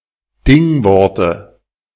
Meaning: dative singular of Dingwort
- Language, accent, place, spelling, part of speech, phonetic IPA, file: German, Germany, Berlin, Dingworte, noun, [ˈdɪŋˌvɔʁtə], De-Dingworte.ogg